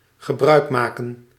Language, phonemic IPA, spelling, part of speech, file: Dutch, /ɣə.ˈbrœy̯kmaːkə(n)/, gebruikmaken, verb, Nl-gebruikmaken.ogg
- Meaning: to make use